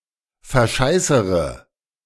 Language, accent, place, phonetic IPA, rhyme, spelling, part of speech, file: German, Germany, Berlin, [fɛɐ̯ˈʃaɪ̯səʁə], -aɪ̯səʁə, verscheißere, verb, De-verscheißere.ogg
- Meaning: inflection of verscheißern: 1. first-person singular present 2. first/third-person singular subjunctive I 3. singular imperative